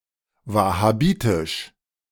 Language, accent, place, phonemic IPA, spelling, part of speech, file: German, Germany, Berlin, /ˌvahaˈbiːtɪʃ/, wahhabitisch, adjective, De-wahhabitisch.ogg
- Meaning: Wahhabi